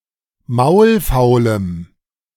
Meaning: strong dative masculine/neuter singular of maulfaul
- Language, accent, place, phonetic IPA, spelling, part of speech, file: German, Germany, Berlin, [ˈmaʊ̯lˌfaʊ̯ləm], maulfaulem, adjective, De-maulfaulem.ogg